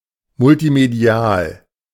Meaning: multimedia
- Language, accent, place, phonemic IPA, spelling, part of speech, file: German, Germany, Berlin, /mʊltiˈmedi̯aːl/, multimedial, adjective, De-multimedial.ogg